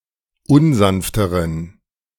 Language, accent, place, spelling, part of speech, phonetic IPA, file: German, Germany, Berlin, unsanfteren, adjective, [ˈʊnˌzanftəʁən], De-unsanfteren.ogg
- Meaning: inflection of unsanft: 1. strong genitive masculine/neuter singular comparative degree 2. weak/mixed genitive/dative all-gender singular comparative degree